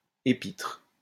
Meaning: epistle (a letter)
- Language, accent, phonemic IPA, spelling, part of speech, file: French, France, /e.pitʁ/, épître, noun, LL-Q150 (fra)-épître.wav